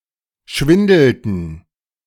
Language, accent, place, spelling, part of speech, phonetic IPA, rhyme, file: German, Germany, Berlin, schwindelten, verb, [ˈʃvɪndl̩tn̩], -ɪndl̩tn̩, De-schwindelten.ogg
- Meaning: inflection of schwindeln: 1. first/third-person plural preterite 2. first/third-person plural subjunctive II